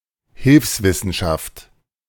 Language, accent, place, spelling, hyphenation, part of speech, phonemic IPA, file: German, Germany, Berlin, Hilfswissenschaft, Hilfs‧wis‧sen‧schaft, noun, /ˈhɪlfsˌvɪsn̩ʃaft/, De-Hilfswissenschaft.ogg
- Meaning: ancillary science